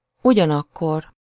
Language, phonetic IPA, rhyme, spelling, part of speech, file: Hungarian, [ˈuɟɒnɒkːor], -or, ugyanakkor, adverb, Hu-ugyanakkor.ogg
- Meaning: 1. at the same time (as that time), simultaneously 2. at the same time, whereas, on the other hand